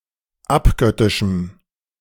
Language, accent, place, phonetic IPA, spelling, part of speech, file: German, Germany, Berlin, [ˈapˌɡœtɪʃm̩], abgöttischem, adjective, De-abgöttischem.ogg
- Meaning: strong dative masculine/neuter singular of abgöttisch